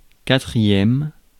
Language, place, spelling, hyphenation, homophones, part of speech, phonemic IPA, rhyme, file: French, Paris, quatrième, qua‧trième, quatrièmes, adjective / noun, /ka.tʁi.jɛm/, -ɛm, Fr-quatrième.ogg
- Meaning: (adjective) fourth